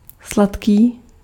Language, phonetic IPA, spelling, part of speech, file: Czech, [ˈslatkiː], sladký, adjective, Cs-sladký.ogg
- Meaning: sweet